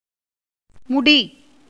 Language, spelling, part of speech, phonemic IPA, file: Tamil, முடி, verb / noun, /mʊɖiː/, Ta-முடி.ogg
- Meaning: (verb) 1. to end, to conclude, to be complete, as in sense 2. to be effected or accomplished 3. to can, be able to (see usage notes) 4. to be destroyed, to perish 5. to incite persons to a quarrel